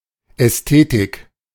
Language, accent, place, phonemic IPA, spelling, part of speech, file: German, Germany, Berlin, /ɛsˈteːtɪk/, Ästhetik, noun, De-Ästhetik.ogg
- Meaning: 1. aesthetics (the study of art or beauty) 2. aesthetic (that which appeals to the senses) 3. sense of beauty